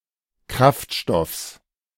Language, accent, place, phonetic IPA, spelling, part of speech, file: German, Germany, Berlin, [ˈkʁaftˌʃtɔfs], Kraftstoffs, noun, De-Kraftstoffs.ogg
- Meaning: genitive singular of Kraftstoff